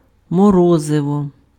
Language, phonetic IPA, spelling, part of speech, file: Ukrainian, [mɔˈrɔzewɔ], морозиво, noun, Uk-морозиво.ogg
- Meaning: ice cream